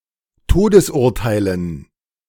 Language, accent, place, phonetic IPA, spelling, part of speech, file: German, Germany, Berlin, [ˈtoːdəsˌʔʊʁtaɪ̯lən], Todesurteilen, noun, De-Todesurteilen.ogg
- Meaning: dative plural of Todesurteil